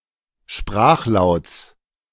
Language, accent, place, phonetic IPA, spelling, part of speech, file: German, Germany, Berlin, [ˈʃpʁaːxˌlaʊ̯t͡s], Sprachlauts, noun, De-Sprachlauts.ogg
- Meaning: genitive singular of Sprachlaut